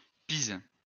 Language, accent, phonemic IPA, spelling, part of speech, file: French, France, /piz/, Pise, proper noun, LL-Q150 (fra)-Pise.wav
- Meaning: 1. Pisa (a province of Tuscany, Italy) 2. Pisa (the capital city of the province of Pisa, Tuscany, Italy)